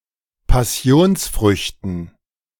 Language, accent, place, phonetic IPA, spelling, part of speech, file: German, Germany, Berlin, [paˈsi̯oːnsˌfʁʏçtn̩], Passionsfrüchten, noun, De-Passionsfrüchten.ogg
- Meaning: dative plural of Passionsfrucht